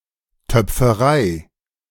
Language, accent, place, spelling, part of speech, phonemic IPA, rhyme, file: German, Germany, Berlin, Töpferei, noun, /ˌtœp͡fəˈʁaɪ̯/, -aɪ̯, De-Töpferei.ogg
- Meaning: pottery